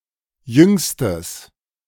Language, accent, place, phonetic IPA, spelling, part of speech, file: German, Germany, Berlin, [ˈjʏŋstəs], jüngstes, adjective, De-jüngstes.ogg
- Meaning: strong/mixed nominative/accusative neuter singular superlative degree of jung